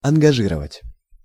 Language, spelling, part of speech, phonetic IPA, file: Russian, ангажировать, verb, [ɐnɡɐˈʐɨrəvətʲ], Ru-ангажировать.ogg
- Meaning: to engage; to book (an actor, a speaker)